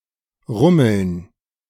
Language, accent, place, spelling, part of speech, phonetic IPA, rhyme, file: German, Germany, Berlin, rummeln, verb, [ˈʁʊml̩n], -ʊml̩n, De-rummeln.ogg
- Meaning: to rumble